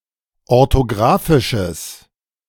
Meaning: strong/mixed nominative/accusative neuter singular of orthographisch
- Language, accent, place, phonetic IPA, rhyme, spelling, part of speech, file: German, Germany, Berlin, [ɔʁtoˈɡʁaːfɪʃəs], -aːfɪʃəs, orthographisches, adjective, De-orthographisches.ogg